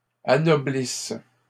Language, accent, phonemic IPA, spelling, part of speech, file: French, Canada, /a.nɔ.blis/, anoblisse, verb, LL-Q150 (fra)-anoblisse.wav
- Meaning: inflection of anoblir: 1. first/third-person singular present subjunctive 2. first-person singular imperfect subjunctive